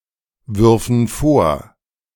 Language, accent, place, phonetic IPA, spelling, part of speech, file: German, Germany, Berlin, [ˌvʏʁfn̩ ˈfoːɐ̯], würfen vor, verb, De-würfen vor.ogg
- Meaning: first/third-person plural subjunctive II of vorwerfen